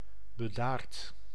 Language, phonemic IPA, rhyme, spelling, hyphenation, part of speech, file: Dutch, /bəˈdaːrt/, -aːrt, bedaard, be‧daard, adjective / adverb / verb, Nl-bedaard.ogg
- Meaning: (adjective) 1. serene, imperturbable 2. calm, level-headed; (adverb) 1. serenely 2. calmly; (verb) past participle of bedaren